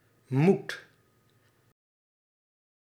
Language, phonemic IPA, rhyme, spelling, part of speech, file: Dutch, /mut/, -ut, moet, verb, Nl-moet.ogg
- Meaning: inflection of moeten: 1. first/second/third-person singular present indicative 2. imperative